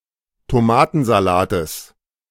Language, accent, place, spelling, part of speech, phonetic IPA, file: German, Germany, Berlin, Tomatensalates, noun, [toˈmaːtn̩zaˌlaːtəs], De-Tomatensalates.ogg
- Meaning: genitive of Tomatensalat